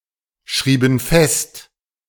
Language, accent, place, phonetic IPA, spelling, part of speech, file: German, Germany, Berlin, [ˌʃʁiːbn̩ ˈfɛst], schrieben fest, verb, De-schrieben fest.ogg
- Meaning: inflection of festschreiben: 1. first/third-person plural preterite 2. first/third-person plural subjunctive II